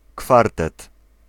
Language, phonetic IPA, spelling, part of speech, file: Polish, [ˈkfartɛt], kwartet, noun, Pl-kwartet.ogg